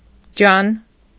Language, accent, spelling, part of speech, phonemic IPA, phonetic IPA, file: Armenian, Eastern Armenian, ջան, noun / interjection, /d͡ʒɑn/, [d͡ʒɑn], Hy-ջան.ogg
- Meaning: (noun) 1. body 2. life, existence 3. spirit, soul 4. vigour, physical might 5. an affectionate term of address, put after the word that identifies the addressee, dear, darling